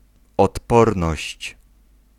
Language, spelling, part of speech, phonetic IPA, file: Polish, odporność, noun, [ɔtˈpɔrnɔɕt͡ɕ], Pl-odporność.ogg